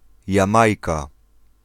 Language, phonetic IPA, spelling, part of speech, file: Polish, [jãˈmajka], Jamajka, proper noun / noun, Pl-Jamajka.ogg